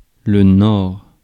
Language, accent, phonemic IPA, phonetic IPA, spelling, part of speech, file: French, France, /nɔʁ/, [n̪ɔʁ̥], nord, noun, Fr-nord.ogg
- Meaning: north